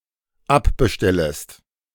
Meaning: second-person singular dependent subjunctive I of abbestellen
- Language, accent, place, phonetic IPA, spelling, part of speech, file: German, Germany, Berlin, [ˈapbəˌʃtɛləst], abbestellest, verb, De-abbestellest.ogg